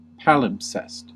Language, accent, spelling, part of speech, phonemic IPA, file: English, US, palimpsest, noun / verb, /ˈpælɪmpsɛst/, En-us-palimpsest.ogg
- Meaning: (noun) A manuscript or document that has been erased or scraped clean, for reuse of the paper, parchment, vellum, or other medium on which it was written